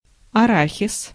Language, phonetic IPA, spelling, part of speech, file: Russian, [ɐˈraxʲɪs], арахис, noun, Ru-арахис.ogg
- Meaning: peanut, goober